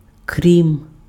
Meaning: 1. except, except for, apart from, aside from, with the exception of 2. besides, aside from, in addition to
- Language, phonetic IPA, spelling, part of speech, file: Ukrainian, [krʲim], крім, preposition, Uk-крім.ogg